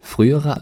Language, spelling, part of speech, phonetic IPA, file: German, frühere, adjective, [ˈfʁyːəʁə], De-frühere.ogg
- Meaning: inflection of früh: 1. strong/mixed nominative/accusative feminine singular comparative degree 2. strong nominative/accusative plural comparative degree